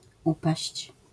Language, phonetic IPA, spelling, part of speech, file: Polish, [ˈupaɕt͡ɕ], upaść, verb, LL-Q809 (pol)-upaść.wav